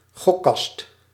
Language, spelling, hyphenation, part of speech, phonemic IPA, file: Dutch, gokkast, gok‧kast, noun, /ˈɣɔ.kɑst/, Nl-gokkast.ogg
- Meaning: a slot machine, a gambling machine